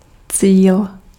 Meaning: 1. goal, objective, target 2. target (butt or mark to shoot at) 3. finish 4. destination
- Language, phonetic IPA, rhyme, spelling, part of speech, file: Czech, [ˈt͡siːl], -iːl, cíl, noun, Cs-cíl.ogg